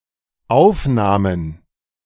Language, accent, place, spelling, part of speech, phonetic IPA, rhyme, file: German, Germany, Berlin, Aufnahmen, noun, [ˈaʊ̯fnaːmən], -aʊ̯fnaːmən, De-Aufnahmen.ogg
- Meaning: plural of Aufnahme